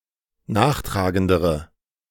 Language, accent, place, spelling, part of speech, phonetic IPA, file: German, Germany, Berlin, nachtragendere, adjective, [ˈnaːxˌtʁaːɡəndəʁə], De-nachtragendere.ogg
- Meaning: inflection of nachtragend: 1. strong/mixed nominative/accusative feminine singular comparative degree 2. strong nominative/accusative plural comparative degree